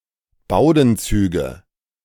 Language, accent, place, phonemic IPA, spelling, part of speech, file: German, Germany, Berlin, /ˈbaʊ̯dn̩ˌt͡syːɡə/, Bowdenzüge, noun, De-Bowdenzüge.ogg
- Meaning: nominative/accusative/genitive plural of Bowdenzug